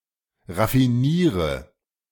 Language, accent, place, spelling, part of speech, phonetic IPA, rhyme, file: German, Germany, Berlin, raffiniere, verb, [ʁafiˈniːʁə], -iːʁə, De-raffiniere.ogg
- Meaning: inflection of raffinieren: 1. first-person singular present 2. singular imperative 3. first/third-person singular subjunctive I